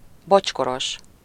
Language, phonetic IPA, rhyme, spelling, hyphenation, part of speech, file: Hungarian, [ˈbot͡ʃkoroʃ], -oʃ, bocskoros, bocs‧ko‧ros, adjective, Hu-bocskoros.ogg
- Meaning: 1. bemoccasined, having a moccasin, with a moccasin 2. volvate